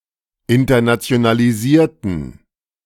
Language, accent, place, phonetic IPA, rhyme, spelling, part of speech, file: German, Germany, Berlin, [ɪntɐnat͡si̯onaliˈziːɐ̯tn̩], -iːɐ̯tn̩, internationalisierten, adjective / verb, De-internationalisierten.ogg
- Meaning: inflection of internationalisieren: 1. first/third-person plural preterite 2. first/third-person plural subjunctive II